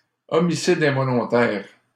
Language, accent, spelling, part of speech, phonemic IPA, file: French, Canada, homicide involontaire, noun, /ɔ.mi.si.d‿ɛ̃.vɔ.lɔ̃.tɛʁ/, LL-Q150 (fra)-homicide involontaire.wav
- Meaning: manslaughter